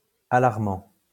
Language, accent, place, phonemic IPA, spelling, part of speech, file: French, France, Lyon, /a.laʁ.mɑ̃/, alarmant, verb / adjective, LL-Q150 (fra)-alarmant.wav
- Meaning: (verb) present participle of alarmer; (adjective) alarming